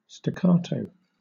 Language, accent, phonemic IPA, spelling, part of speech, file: English, Southern England, /stəˈkɑːtoʊ/, staccato, noun / adverb / adjective, LL-Q1860 (eng)-staccato.wav